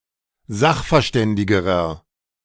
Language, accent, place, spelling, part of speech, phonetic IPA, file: German, Germany, Berlin, sachverständigerer, adjective, [ˈzaxfɛɐ̯ˌʃtɛndɪɡəʁɐ], De-sachverständigerer.ogg
- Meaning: inflection of sachverständig: 1. strong/mixed nominative masculine singular comparative degree 2. strong genitive/dative feminine singular comparative degree